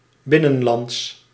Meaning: 1. interior, within a country, national, domestic 2. inland, removed from coast/borders
- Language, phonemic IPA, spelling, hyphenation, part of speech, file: Dutch, /ˈbɪ.nə(n)ˌlɑnts/, binnenlands, bin‧nen‧lands, adjective, Nl-binnenlands.ogg